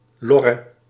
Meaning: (noun) synonym of papegaai (“parrot”); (interjection) An exclamation used to summon or lure a parrot or to draw the attention of a parrot
- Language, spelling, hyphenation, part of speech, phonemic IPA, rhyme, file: Dutch, lorre, lor‧re, noun / interjection, /ˈlɔ.rə/, -ɔrə, Nl-lorre.ogg